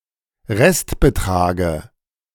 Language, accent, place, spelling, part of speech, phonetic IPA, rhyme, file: German, Germany, Berlin, Restbetrage, noun, [ˈʁɛstbəˌtʁaːɡə], -ɛstbətʁaːɡə, De-Restbetrage.ogg
- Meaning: dative of Restbetrag